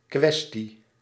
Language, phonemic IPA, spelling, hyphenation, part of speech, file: Dutch, /ˈkʋɛs.ti/, kwestie, kwes‧tie, noun, Nl-kwestie.ogg
- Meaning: question, matter (a topic under discussion)